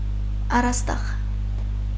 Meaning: 1. ceiling 2. sky 3. palate
- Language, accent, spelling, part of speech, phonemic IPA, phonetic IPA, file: Armenian, Eastern Armenian, առաստաղ, noun, /ɑrɑsˈtɑʁ/, [ɑrɑstɑ́ʁ], Hy-առաստաղ.ogg